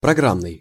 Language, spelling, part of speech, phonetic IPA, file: Russian, программный, adjective, [prɐˈɡramnɨj], Ru-программный.ogg
- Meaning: program